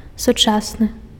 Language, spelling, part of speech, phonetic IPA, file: Belarusian, сучасны, adjective, [suˈt͡ʂasnɨ], Be-сучасны.ogg
- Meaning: 1. contemporary (from the same time period) 2. modern; contemporary